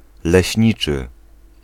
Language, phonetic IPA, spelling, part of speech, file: Polish, [lɛɕˈɲit͡ʃɨ], leśniczy, noun / adjective, Pl-leśniczy.ogg